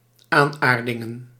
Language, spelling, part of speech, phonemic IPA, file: Dutch, aanaardingen, noun, /ˈanardɪŋə(n)/, Nl-aanaardingen.ogg
- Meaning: plural of aanaarding